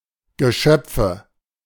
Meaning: nominative/accusative/genitive plural of Geschöpf
- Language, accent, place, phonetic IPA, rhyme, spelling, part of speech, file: German, Germany, Berlin, [ɡəˈʃœp͡fə], -œp͡fə, Geschöpfe, noun, De-Geschöpfe.ogg